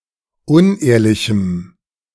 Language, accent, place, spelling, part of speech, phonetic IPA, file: German, Germany, Berlin, unehrlichem, adjective, [ˈʊnˌʔeːɐ̯lɪçm̩], De-unehrlichem.ogg
- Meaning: strong dative masculine/neuter singular of unehrlich